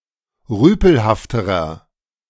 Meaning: inflection of rüpelhaft: 1. strong/mixed nominative masculine singular comparative degree 2. strong genitive/dative feminine singular comparative degree 3. strong genitive plural comparative degree
- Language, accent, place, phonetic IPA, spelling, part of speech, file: German, Germany, Berlin, [ˈʁyːpl̩haftəʁɐ], rüpelhafterer, adjective, De-rüpelhafterer.ogg